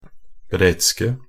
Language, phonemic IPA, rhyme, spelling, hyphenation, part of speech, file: Norwegian Bokmål, /brɛtskə/, -ɛtskə, bretske, bret‧ske, adjective, Nb-bretske.ogg
- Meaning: 1. definite singular of bretsk 2. plural of bretsk